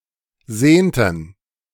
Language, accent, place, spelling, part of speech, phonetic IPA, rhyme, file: German, Germany, Berlin, sehnten, verb, [ˈzeːntn̩], -eːntn̩, De-sehnten.ogg
- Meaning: inflection of sehnen: 1. first/third-person plural preterite 2. first/third-person plural subjunctive II